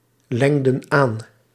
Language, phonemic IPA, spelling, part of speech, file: Dutch, /ˈlɛŋdə(n) ˈan/, lengden aan, verb, Nl-lengden aan.ogg
- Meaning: inflection of aanlengen: 1. plural past indicative 2. plural past subjunctive